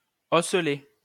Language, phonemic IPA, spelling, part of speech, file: French, /ɔ.sə.le/, osselet, noun, LL-Q150 (fra)-osselet.wav
- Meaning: 1. small bone; (of the ear) ossicle 2. jack, knucklebone